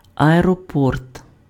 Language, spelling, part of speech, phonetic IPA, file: Ukrainian, аеропорт, noun, [ɐerɔˈpɔrt], Uk-аеропорт.ogg
- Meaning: airport